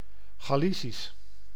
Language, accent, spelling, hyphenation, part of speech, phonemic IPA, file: Dutch, Netherlands, Galicisch, Ga‧li‧cisch, adjective / noun, /ˈɣaː.li.sis/, Nl-Galicisch.ogg
- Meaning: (adjective) Galician (of or pertaining to Galicia (the region) or Galician (the language)); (noun) Galician (the language of Galicia, a region of the Northwestern Iberian peninsula)